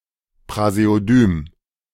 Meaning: praseodymium
- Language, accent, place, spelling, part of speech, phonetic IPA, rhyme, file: German, Germany, Berlin, Praseodym, noun, [pʁazeoˈdyːm], -yːm, De-Praseodym.ogg